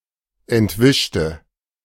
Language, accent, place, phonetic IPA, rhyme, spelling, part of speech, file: German, Germany, Berlin, [ɛntˈvɪʃtə], -ɪʃtə, entwischte, adjective / verb, De-entwischte.ogg
- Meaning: inflection of entwischen: 1. first/third-person singular preterite 2. first/third-person singular subjunctive II